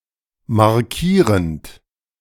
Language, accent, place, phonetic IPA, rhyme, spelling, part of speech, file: German, Germany, Berlin, [maʁˈkiːʁənt], -iːʁənt, markierend, verb, De-markierend.ogg
- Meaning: present participle of markieren